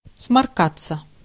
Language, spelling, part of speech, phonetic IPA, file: Russian, сморкаться, verb, [smɐrˈkat͡sːə], Ru-сморкаться.ogg
- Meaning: 1. to blow one's nose 2. passive of сморка́ть (smorkátʹ)